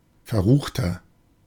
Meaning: 1. comparative degree of verrucht 2. inflection of verrucht: strong/mixed nominative masculine singular 3. inflection of verrucht: strong genitive/dative feminine singular
- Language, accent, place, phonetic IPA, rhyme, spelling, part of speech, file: German, Germany, Berlin, [fɛɐ̯ˈʁuːxtɐ], -uːxtɐ, verruchter, adjective, De-verruchter.ogg